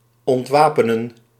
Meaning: 1. to disarm, to take weapons from 2. to lay down arms 3. to disarm emotionally
- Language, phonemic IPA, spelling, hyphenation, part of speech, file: Dutch, /ˌɔntˈʋaːpənə(n)/, ontwapenen, ont‧wa‧pe‧nen, verb, Nl-ontwapenen.ogg